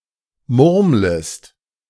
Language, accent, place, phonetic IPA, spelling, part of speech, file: German, Germany, Berlin, [ˈmʊʁmləst], murmlest, verb, De-murmlest.ogg
- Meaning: second-person singular subjunctive I of murmeln